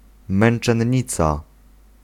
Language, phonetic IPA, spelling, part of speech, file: Polish, [ˌmɛ̃n͇t͡ʃɛ̃ɲˈːit͡sa], męczennica, noun, Pl-męczennica.ogg